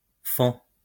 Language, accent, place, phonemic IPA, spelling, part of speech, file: French, France, Lyon, /fɑ̃/, fend, verb, LL-Q150 (fra)-fend.wav
- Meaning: third-person singular present indicative of fendre